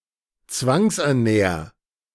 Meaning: 1. singular imperative of zwangsernähren 2. first-person singular present of zwangsernähren
- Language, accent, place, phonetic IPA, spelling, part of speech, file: German, Germany, Berlin, [ˈt͡svaŋsʔɛɐ̯ˌnɛːɐ̯], zwangsernähr, verb, De-zwangsernähr.ogg